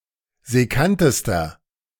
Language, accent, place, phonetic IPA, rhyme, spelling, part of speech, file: German, Germany, Berlin, [zɛˈkantəstɐ], -antəstɐ, sekkantester, adjective, De-sekkantester.ogg
- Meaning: inflection of sekkant: 1. strong/mixed nominative masculine singular superlative degree 2. strong genitive/dative feminine singular superlative degree 3. strong genitive plural superlative degree